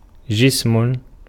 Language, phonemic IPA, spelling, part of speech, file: Arabic, /d͡ʒism/, جسم, noun, Ar-جسم.ogg
- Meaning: 1. a body 2. an object